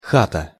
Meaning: 1. house, hut 2. house, joint, a place one can booze or have sex 3. home 4. prison cell
- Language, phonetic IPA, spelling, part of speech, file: Russian, [ˈxatə], хата, noun, Ru-хата.ogg